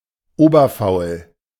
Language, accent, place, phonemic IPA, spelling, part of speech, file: German, Germany, Berlin, /ˈoːbɐfaʊ̯l/, oberfaul, adjective, De-oberfaul.ogg
- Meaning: fishy, suspicious, arousing suspicion